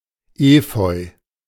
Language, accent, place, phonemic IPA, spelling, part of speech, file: German, Germany, Berlin, /ˈeːfɔʏ̯/, Efeu, noun, De-Efeu.ogg
- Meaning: ivy